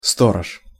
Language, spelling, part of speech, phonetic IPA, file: Russian, сторож, noun, [ˈstorəʂ], Ru-сторож.ogg
- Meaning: watch, watchman, guard, custodian